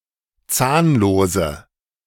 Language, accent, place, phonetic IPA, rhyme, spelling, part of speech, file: German, Germany, Berlin, [ˈt͡saːnloːzə], -aːnloːzə, zahnlose, adjective, De-zahnlose.ogg
- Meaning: inflection of zahnlos: 1. strong/mixed nominative/accusative feminine singular 2. strong nominative/accusative plural 3. weak nominative all-gender singular 4. weak accusative feminine/neuter singular